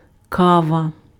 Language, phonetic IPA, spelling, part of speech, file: Ukrainian, [ˈkaʋɐ], кава, noun, Uk-кава.ogg
- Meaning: coffee (beverage)